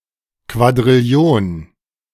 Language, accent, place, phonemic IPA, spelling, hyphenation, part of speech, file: German, Germany, Berlin, /kvadʁɪˈli̯oːn/, Quadrillion, Qua‧d‧ril‧li‧on, numeral, De-Quadrillion.ogg
- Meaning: septillion (10²⁴)